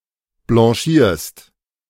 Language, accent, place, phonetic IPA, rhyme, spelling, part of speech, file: German, Germany, Berlin, [blɑ̃ˈʃiːɐ̯st], -iːɐ̯st, blanchierst, verb, De-blanchierst.ogg
- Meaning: second-person singular present of blanchieren